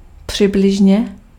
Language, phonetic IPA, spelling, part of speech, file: Czech, [ˈpr̝̊ɪblɪʒɲɛ], přibližně, adverb, Cs-přibližně.ogg
- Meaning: approximately